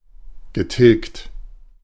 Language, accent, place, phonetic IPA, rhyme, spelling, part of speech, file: German, Germany, Berlin, [ɡəˈtɪlkt], -ɪlkt, getilgt, verb, De-getilgt.ogg
- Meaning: past participle of tilgen